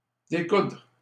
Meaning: 1. to unsew, unstitch (remove the stitches from something that is sewn) 2. to do battle
- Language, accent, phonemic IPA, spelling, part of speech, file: French, Canada, /de.kudʁ/, découdre, verb, LL-Q150 (fra)-découdre.wav